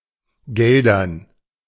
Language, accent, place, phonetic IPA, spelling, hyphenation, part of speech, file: German, Germany, Berlin, [ˈɡɛldɐn], Geldern, Gel‧dern, noun / proper noun, De-Geldern.ogg
- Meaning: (noun) dative plural of Geld; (proper noun) 1. Geldern (a town in Kleve district, North Rhine-Westphalia, Germany) 2. Guelders (short form of Herzogtum Geldern - Duchy of Guelders)